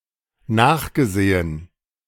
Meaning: past participle of nachsehen
- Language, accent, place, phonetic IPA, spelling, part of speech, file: German, Germany, Berlin, [ˈnaːxɡəˌzeːən], nachgesehen, verb, De-nachgesehen.ogg